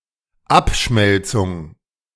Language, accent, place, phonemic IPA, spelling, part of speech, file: German, Germany, Berlin, /ˈap.ʃmɛl.tsʊŋ/, Abschmelzung, noun, De-Abschmelzung.ogg
- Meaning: 1. smelting 2. downsizing, streamlining, reducing